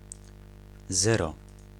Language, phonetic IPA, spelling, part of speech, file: Polish, [ˈzɛrɔ], zero, noun, Pl-zero.ogg